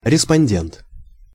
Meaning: respondent
- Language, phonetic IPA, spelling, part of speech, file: Russian, [rʲɪspɐnʲˈdʲent], респондент, noun, Ru-респондент.ogg